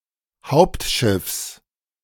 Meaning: genitive singular of Hauptschiff
- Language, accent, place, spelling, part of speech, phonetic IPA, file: German, Germany, Berlin, Hauptschiffs, noun, [ˈhaʊ̯ptˌʃɪfs], De-Hauptschiffs.ogg